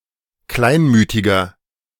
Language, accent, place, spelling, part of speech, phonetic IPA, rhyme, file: German, Germany, Berlin, kleinmütiger, adjective, [ˈklaɪ̯nˌmyːtɪɡɐ], -aɪ̯nmyːtɪɡɐ, De-kleinmütiger.ogg
- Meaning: inflection of kleinmütig: 1. strong/mixed nominative masculine singular 2. strong genitive/dative feminine singular 3. strong genitive plural